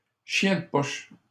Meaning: 1. a dog who always insist to follow its master as closely as possible 2. someone whose behaviour reminds of such a dog
- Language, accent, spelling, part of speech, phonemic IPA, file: French, Canada, chien de poche, noun, /ʃjɛ̃ d(ə) pɔʃ/, LL-Q150 (fra)-chien de poche.wav